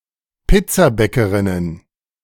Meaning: plural of Pizzabäckerin
- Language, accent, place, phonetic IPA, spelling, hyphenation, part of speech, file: German, Germany, Berlin, [ˈpɪt͡saˌbɛkəʁɪnən], Pizzabäckerinnen, Piz‧za‧bä‧cke‧rin‧nen, noun, De-Pizzabäckerinnen.ogg